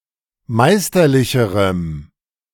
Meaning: strong dative masculine/neuter singular comparative degree of meisterlich
- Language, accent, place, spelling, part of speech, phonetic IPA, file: German, Germany, Berlin, meisterlicherem, adjective, [ˈmaɪ̯stɐˌlɪçəʁəm], De-meisterlicherem.ogg